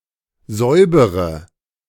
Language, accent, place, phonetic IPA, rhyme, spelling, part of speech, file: German, Germany, Berlin, [ˈzɔɪ̯bəʁə], -ɔɪ̯bəʁə, säubere, verb, De-säubere.ogg
- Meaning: inflection of säubern: 1. first-person singular present 2. first/third-person singular subjunctive I 3. singular imperative